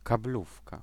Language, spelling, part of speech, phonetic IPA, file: Polish, kablówka, noun, [kaˈblufka], Pl-kablówka.ogg